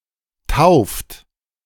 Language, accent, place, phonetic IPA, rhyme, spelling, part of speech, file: German, Germany, Berlin, [taʊ̯ft], -aʊ̯ft, tauft, verb, De-tauft.ogg
- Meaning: inflection of taufen: 1. third-person singular present 2. second-person plural present 3. plural imperative